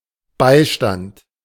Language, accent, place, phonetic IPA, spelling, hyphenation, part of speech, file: German, Germany, Berlin, [ˈbaɪ̯ʃtant], Beistand, Bei‧stand, noun, De-Beistand.ogg
- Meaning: 1. assistance, aid, support 2. counsel 3. best man